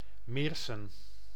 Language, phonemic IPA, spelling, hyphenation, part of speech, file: Dutch, /ˈmeːr.sə(n)/, Meerssen, Meers‧sen, proper noun, Nl-Meerssen.ogg
- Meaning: a village and municipality of Limburg, Netherlands